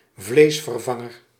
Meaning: a vegetarian or vegan substitute for meat
- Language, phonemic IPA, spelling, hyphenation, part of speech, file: Dutch, /ˈvleːs.vərˌvɑ.ŋər/, vleesvervanger, vlees‧ver‧van‧ger, noun, Nl-vleesvervanger.ogg